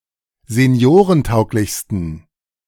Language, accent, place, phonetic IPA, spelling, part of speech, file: German, Germany, Berlin, [zeˈni̯oːʁənˌtaʊ̯klɪçstn̩], seniorentauglichsten, adjective, De-seniorentauglichsten.ogg
- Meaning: 1. superlative degree of seniorentauglich 2. inflection of seniorentauglich: strong genitive masculine/neuter singular superlative degree